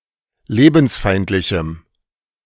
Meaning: strong dative masculine/neuter singular of lebensfeindlich
- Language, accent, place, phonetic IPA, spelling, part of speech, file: German, Germany, Berlin, [ˈleːbn̩sˌfaɪ̯ntlɪçm̩], lebensfeindlichem, adjective, De-lebensfeindlichem.ogg